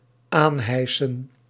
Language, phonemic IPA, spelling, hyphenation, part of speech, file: Dutch, /ˈaːnˌɦɛi̯.sə(n)/, aanhijsen, aan‧hij‧sen, verb, Nl-aanhijsen.ogg
- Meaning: 1. to raise, to lift 2. to put on (clothing or armour), usually requiring some effort